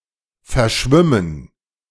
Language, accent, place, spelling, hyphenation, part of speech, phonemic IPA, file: German, Germany, Berlin, verschwimmen, ver‧schwim‧men, verb, /fɛɐ̯ˈʃvɪmən/, De-verschwimmen.ogg
- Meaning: to blur